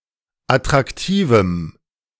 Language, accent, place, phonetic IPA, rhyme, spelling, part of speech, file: German, Germany, Berlin, [atʁakˈtiːvm̩], -iːvm̩, attraktivem, adjective, De-attraktivem.ogg
- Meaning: strong dative masculine/neuter singular of attraktiv